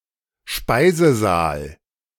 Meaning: dining hall
- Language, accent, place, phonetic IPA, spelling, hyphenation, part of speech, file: German, Germany, Berlin, [ˈʃpaɪ̯zəˌzaːl], Speisesaal, Spei‧se‧saal, noun, De-Speisesaal.ogg